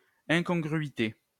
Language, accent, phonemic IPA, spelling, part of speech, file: French, France, /ɛ̃.kɔ̃.ɡʁɥi.te/, incongruité, noun, LL-Q150 (fra)-incongruité.wav
- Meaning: incongruity